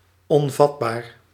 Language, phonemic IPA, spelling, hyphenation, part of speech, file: Dutch, /ˌɔnˈvɑt.baːr/, onvatbaar, on‧vat‧baar, adjective, Nl-onvatbaar.ogg
- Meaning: unsusceptible, insusceptible, unreceptive, impervious